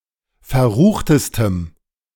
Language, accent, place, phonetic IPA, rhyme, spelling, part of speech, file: German, Germany, Berlin, [fɛɐ̯ˈʁuːxtəstəm], -uːxtəstəm, verruchtestem, adjective, De-verruchtestem.ogg
- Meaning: strong dative masculine/neuter singular superlative degree of verrucht